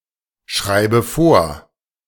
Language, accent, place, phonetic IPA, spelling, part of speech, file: German, Germany, Berlin, [ˌʃʁaɪ̯bə ˈfoːɐ̯], schreibe vor, verb, De-schreibe vor.ogg
- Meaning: inflection of vorschreiben: 1. first-person singular present 2. first/third-person singular subjunctive I 3. singular imperative